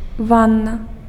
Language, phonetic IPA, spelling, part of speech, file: Belarusian, [ˈvanːa], ванна, noun, Be-ванна.ogg
- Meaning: bath, bathtub